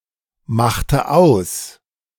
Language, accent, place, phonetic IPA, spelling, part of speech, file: German, Germany, Berlin, [ˌmaxtə ˈaʊ̯s], machte aus, verb, De-machte aus.ogg
- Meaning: inflection of ausmachen: 1. first/third-person singular preterite 2. first/third-person singular subjunctive II